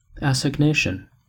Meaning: 1. An appointment for a meeting, generally of a romantic or sexual nature 2. The act of assigning or allotting; apportionment 3. A making over by transfer of title; assignment
- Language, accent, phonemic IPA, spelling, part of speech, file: English, US, /æsɪɡˈneɪʃən/, assignation, noun, En-us-assignation.ogg